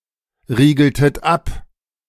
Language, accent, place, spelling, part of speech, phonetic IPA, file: German, Germany, Berlin, riegeltet ab, verb, [ˌʁiːɡl̩tət ˈap], De-riegeltet ab.ogg
- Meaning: inflection of abriegeln: 1. second-person plural preterite 2. second-person plural subjunctive II